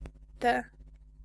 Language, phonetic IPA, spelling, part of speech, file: Polish, [tɛ], te, pronoun / noun, Pl-te.ogg